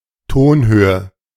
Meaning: pitch
- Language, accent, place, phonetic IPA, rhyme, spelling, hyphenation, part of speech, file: German, Germany, Berlin, [ˈtoːnˌhøːə], -øːə, Tonhöhe, Ton‧hö‧he, noun, De-Tonhöhe.ogg